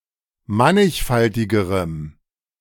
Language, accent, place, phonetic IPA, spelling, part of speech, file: German, Germany, Berlin, [ˈmanɪçˌfaltɪɡəʁəm], mannigfaltigerem, adjective, De-mannigfaltigerem.ogg
- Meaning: strong dative masculine/neuter singular comparative degree of mannigfaltig